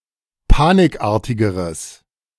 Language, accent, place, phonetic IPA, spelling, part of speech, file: German, Germany, Berlin, [ˈpaːnɪkˌʔaːɐ̯tɪɡəʁəs], panikartigeres, adjective, De-panikartigeres.ogg
- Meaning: strong/mixed nominative/accusative neuter singular comparative degree of panikartig